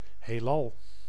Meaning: universe
- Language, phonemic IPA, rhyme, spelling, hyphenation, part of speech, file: Dutch, /ɦeːˈlɑl/, -ɑl, heelal, heel‧al, noun, Nl-heelal.ogg